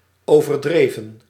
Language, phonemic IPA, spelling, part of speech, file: Dutch, /ˌovərˈdrevə(n)/, overdreven, adjective / verb, Nl-overdreven.ogg
- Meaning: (adjective) excessive, exaggerated; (verb) inflection of overdrijven (“to exaggerate”): 1. plural past indicative 2. plural past subjunctive